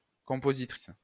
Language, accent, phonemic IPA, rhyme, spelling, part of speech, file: French, France, /kɔ̃.po.zi.tʁis/, -is, compositrice, noun, LL-Q150 (fra)-compositrice.wav
- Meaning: female equivalent of compositeur